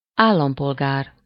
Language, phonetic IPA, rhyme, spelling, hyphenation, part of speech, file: Hungarian, [ˈaːlːɒmpolɡaːr], -aːr, állampolgár, ál‧lam‧pol‧gár, noun, Hu-állampolgár.ogg
- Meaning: citizen (legal member of a state)